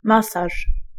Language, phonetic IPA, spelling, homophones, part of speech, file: Polish, [ˈmasaʃ], masaż, masarz, noun, Pl-masaż.ogg